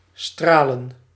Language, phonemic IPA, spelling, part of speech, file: Dutch, /ˈstraːlə(n)/, stralen, verb / noun, Nl-stralen.ogg
- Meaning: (verb) 1. to radiate, to shine 2. to miscarry 3. to hit with an arrow or similar weapon 4. to prick, to sting 5. to squirt out; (noun) plural of straal